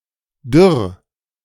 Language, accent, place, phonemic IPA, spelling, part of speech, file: German, Germany, Berlin, /dʏʁ/, dürr, adjective, De-dürr.ogg
- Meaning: 1. dried up, desiccated, especially: thin and brittle 2. dried up, desiccated, especially: arid, barren 3. thin, scrawny, haggard